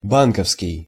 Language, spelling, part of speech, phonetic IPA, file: Russian, банковский, adjective, [ˈbankəfskʲɪj], Ru-банковский.ogg
- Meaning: bank